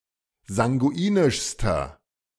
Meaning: inflection of sanguinisch: 1. strong/mixed nominative masculine singular superlative degree 2. strong genitive/dative feminine singular superlative degree 3. strong genitive plural superlative degree
- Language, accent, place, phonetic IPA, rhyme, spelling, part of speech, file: German, Germany, Berlin, [zaŋɡuˈiːnɪʃstɐ], -iːnɪʃstɐ, sanguinischster, adjective, De-sanguinischster.ogg